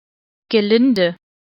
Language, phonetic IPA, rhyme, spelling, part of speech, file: German, [ɡəˈlɪndə], -ɪndə, gelinde, adjective, De-gelinde.ogg
- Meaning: mild, gentle